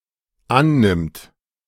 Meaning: third-person singular dependent present of annehmen
- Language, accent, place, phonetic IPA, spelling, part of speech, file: German, Germany, Berlin, [ˈanˌnɪmt], annimmt, verb, De-annimmt.ogg